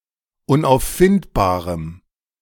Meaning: strong dative masculine/neuter singular of unauffindbar
- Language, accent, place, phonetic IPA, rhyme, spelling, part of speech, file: German, Germany, Berlin, [ʊnʔaʊ̯fˈfɪntbaːʁəm], -ɪntbaːʁəm, unauffindbarem, adjective, De-unauffindbarem.ogg